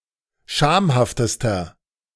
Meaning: inflection of schamhaft: 1. strong/mixed nominative masculine singular superlative degree 2. strong genitive/dative feminine singular superlative degree 3. strong genitive plural superlative degree
- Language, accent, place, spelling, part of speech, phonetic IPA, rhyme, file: German, Germany, Berlin, schamhaftester, adjective, [ˈʃaːmhaftəstɐ], -aːmhaftəstɐ, De-schamhaftester.ogg